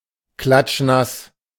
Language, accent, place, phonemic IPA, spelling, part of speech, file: German, Germany, Berlin, /ˈklatʃˈnas/, klatschnass, adjective, De-klatschnass.ogg
- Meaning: sopping wet, wringing wet, soaking wet